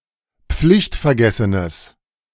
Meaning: strong/mixed nominative/accusative neuter singular of pflichtvergessen
- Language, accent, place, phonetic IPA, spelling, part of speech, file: German, Germany, Berlin, [ˈp͡flɪçtfɛɐ̯ˌɡɛsənəs], pflichtvergessenes, adjective, De-pflichtvergessenes.ogg